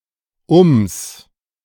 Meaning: contraction of um + das
- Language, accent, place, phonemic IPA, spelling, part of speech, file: German, Germany, Berlin, /ʊms/, ums, contraction, De-ums.ogg